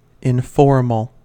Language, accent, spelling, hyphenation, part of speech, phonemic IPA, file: English, US, informal, in‧for‧mal, adjective, /ɪnˈfɔɹ.m(ə)l/, En-us-informal.ogg
- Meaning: 1. Not formal or ceremonious 2. Not in accord with the usual regulations 3. Suited for everyday use 4. Reflecting everyday, non-ceremonious usage 5. Not organized; not structured or planned